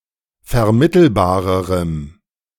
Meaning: strong dative masculine/neuter singular comparative degree of vermittelbar
- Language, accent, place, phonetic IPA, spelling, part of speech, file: German, Germany, Berlin, [fɛɐ̯ˈmɪtl̩baːʁəʁəm], vermittelbarerem, adjective, De-vermittelbarerem.ogg